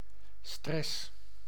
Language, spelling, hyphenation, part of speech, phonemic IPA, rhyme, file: Dutch, stress, stress, noun / verb, /strɛs/, -ɛs, Nl-stress.ogg
- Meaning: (noun) stress; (verb) inflection of stressen: 1. first-person singular present indicative 2. second-person singular present indicative 3. imperative